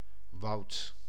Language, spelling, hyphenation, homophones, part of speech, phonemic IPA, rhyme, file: Dutch, woud, woud, Woud / woudt / wout, noun, /ʋɑu̯t/, -ɑu̯t, Nl-woud.ogg
- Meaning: 1. forest, woods, jungle 2. mass, multitude, sea (now chiefly in relation to rules and prescriptions)